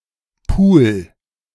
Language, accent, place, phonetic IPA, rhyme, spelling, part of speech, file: German, Germany, Berlin, [puːl], -uːl, pul, verb, De-pul.ogg
- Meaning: 1. singular imperative of pulen 2. first-person singular present of pulen